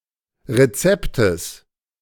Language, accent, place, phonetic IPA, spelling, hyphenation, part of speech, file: German, Germany, Berlin, [ʁeˈt͡sɛptəs], Rezeptes, Re‧zep‧tes, noun, De-Rezeptes.ogg
- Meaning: genitive singular of Rezept